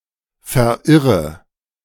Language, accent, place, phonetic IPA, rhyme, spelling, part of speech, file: German, Germany, Berlin, [fɛɐ̯ˈʔɪʁə], -ɪʁə, verirre, verb, De-verirre.ogg
- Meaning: inflection of verirren: 1. first-person singular present 2. first/third-person singular subjunctive I 3. singular imperative